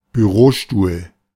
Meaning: office chair (desk chair used in an office)
- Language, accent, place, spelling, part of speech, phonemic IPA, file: German, Germany, Berlin, Bürostuhl, noun, /byˈroːˌʃtuːl/, De-Bürostuhl.ogg